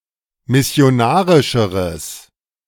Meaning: strong/mixed nominative/accusative neuter singular comparative degree of missionarisch
- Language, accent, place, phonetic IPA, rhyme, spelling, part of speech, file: German, Germany, Berlin, [mɪsi̯oˈnaːʁɪʃəʁəs], -aːʁɪʃəʁəs, missionarischeres, adjective, De-missionarischeres.ogg